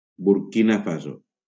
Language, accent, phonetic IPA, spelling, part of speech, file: Catalan, Valencia, [buɾˈki.na ˈfa.zo], Burkina Faso, proper noun, LL-Q7026 (cat)-Burkina Faso.wav
- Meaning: Burkina Faso (a country in West Africa, formerly Upper Volta)